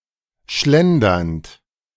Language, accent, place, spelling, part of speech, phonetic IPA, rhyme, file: German, Germany, Berlin, schlendernd, verb, [ˈʃlɛndɐnt], -ɛndɐnt, De-schlendernd.ogg
- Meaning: present participle of schlendern